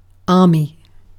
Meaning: A large, highly organized military force, concerned mainly with ground (rather than air or naval) operations
- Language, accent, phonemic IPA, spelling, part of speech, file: English, UK, /ˈɑː.mi/, army, noun, En-uk-army.ogg